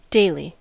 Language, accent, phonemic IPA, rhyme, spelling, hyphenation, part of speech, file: English, US, /ˈdeɪli/, -eɪli, daily, dai‧ly, adjective / noun / verb / adverb, En-us-daily.ogg
- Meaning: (adjective) 1. That occurs or attends every day, or at least every working day 2. Diurnal: by daylight; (noun) Something that is produced, consumed, used, or done every day